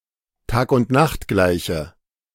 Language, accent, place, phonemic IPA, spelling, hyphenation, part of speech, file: German, Germany, Berlin, /ˌtaːkʊntˈnaxtˌɡlaɪ̯çə/, Tagundnachtgleiche, Tag‧und‧nacht‧glei‧che, noun, De-Tagundnachtgleiche.ogg
- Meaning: equinox